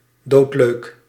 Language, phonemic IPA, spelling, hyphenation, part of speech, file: Dutch, /ˈdoːt.løːk/, doodleuk, dood‧leuk, adverb / adjective, Nl-doodleuk.ogg
- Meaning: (adverb) 1. cold-bloodedly, flat out, calmly, coolly; in an unconcerned way; without showing care; heartlessly 2. in a tongue in cheek or phlegmatic way; with a deadpan delivery